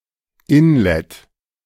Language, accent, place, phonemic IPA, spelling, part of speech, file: German, Germany, Berlin, /ˈɪnˌlɛt/, Inlett, noun, De-Inlett.ogg
- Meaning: the fabric of a pillow or duvet, which is filled with the downs, etc., and sewn up